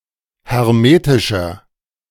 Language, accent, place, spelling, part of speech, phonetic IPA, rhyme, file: German, Germany, Berlin, hermetischer, adjective, [hɛʁˈmeːtɪʃɐ], -eːtɪʃɐ, De-hermetischer.ogg
- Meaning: 1. comparative degree of hermetisch 2. inflection of hermetisch: strong/mixed nominative masculine singular 3. inflection of hermetisch: strong genitive/dative feminine singular